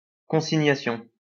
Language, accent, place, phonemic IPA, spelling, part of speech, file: French, France, Lyon, /kɔ̃.si.ɲa.sjɔ̃/, consignation, noun, LL-Q150 (fra)-consignation.wav
- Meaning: consignation